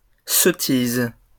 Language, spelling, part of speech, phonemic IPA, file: French, sottises, noun, /sɔ.tiz/, LL-Q150 (fra)-sottises.wav
- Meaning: plural of sottise